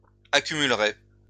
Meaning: first-person singular simple future of accumuler
- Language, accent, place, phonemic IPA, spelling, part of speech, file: French, France, Lyon, /a.ky.myl.ʁe/, accumulerai, verb, LL-Q150 (fra)-accumulerai.wav